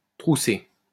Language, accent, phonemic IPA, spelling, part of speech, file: French, France, /tʁu.se/, troussé, verb, LL-Q150 (fra)-troussé.wav
- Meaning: past participle of trousser